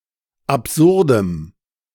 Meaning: strong dative masculine/neuter singular of absurd
- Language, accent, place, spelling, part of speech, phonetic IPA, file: German, Germany, Berlin, absurdem, adjective, [apˈzʊʁdəm], De-absurdem.ogg